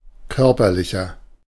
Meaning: inflection of körperlich: 1. strong/mixed nominative masculine singular 2. strong genitive/dative feminine singular 3. strong genitive plural
- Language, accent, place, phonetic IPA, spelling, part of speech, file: German, Germany, Berlin, [ˈkœʁpɐlɪçɐ], körperlicher, adjective, De-körperlicher.ogg